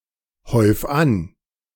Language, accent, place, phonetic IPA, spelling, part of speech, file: German, Germany, Berlin, [ˌhɔɪ̯f ˈan], häuf an, verb, De-häuf an.ogg
- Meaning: 1. singular imperative of anhäufen 2. first-person singular present of anhäufen